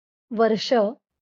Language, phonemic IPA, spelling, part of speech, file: Marathi, /ʋəɾ.ʂə/, वर्ष, noun, LL-Q1571 (mar)-वर्ष.wav
- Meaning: year